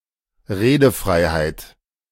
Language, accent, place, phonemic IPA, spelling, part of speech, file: German, Germany, Berlin, /ˈʁeːdəˌfʁaɪ̯haɪ̯t/, Redefreiheit, noun, De-Redefreiheit.ogg
- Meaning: freedom of speech